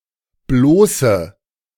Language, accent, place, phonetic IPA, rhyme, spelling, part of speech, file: German, Germany, Berlin, [ˈbloːsə], -oːsə, bloße, adjective, De-bloße.ogg
- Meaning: inflection of bloß: 1. strong/mixed nominative/accusative feminine singular 2. strong nominative/accusative plural 3. weak nominative all-gender singular 4. weak accusative feminine/neuter singular